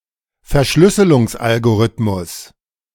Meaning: encryption algorithm
- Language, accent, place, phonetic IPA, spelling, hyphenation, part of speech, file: German, Germany, Berlin, [fɛɐ̯ˈʃlʏsəlʊŋsˌʔalɡoʁɪtmʊs], Verschlüsselungsalgorithmus, Ver‧schlüs‧se‧lungs‧al‧go‧rith‧mus, noun, De-Verschlüsselungsalgorithmus.ogg